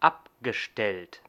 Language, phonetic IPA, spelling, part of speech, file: German, [ˈapɡəˌʃtɛlt], abgestellt, verb, De-abgestellt.ogg
- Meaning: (verb) past participle of abstellen; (adjective) parked (car)